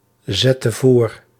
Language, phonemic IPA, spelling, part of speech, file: Dutch, /ˈzɛtə ˈvor/, zette voor, verb, Nl-zette voor.ogg
- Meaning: inflection of voorzetten: 1. singular past indicative 2. singular past/present subjunctive